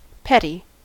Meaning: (adjective) Having little or no importance
- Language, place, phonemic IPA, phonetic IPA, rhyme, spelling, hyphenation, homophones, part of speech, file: English, California, /ˈpɛt.i/, [ˈpʰɛɾ.i], -ɛti, petty, pet‧ty, Petty, adjective / noun, En-us-petty.ogg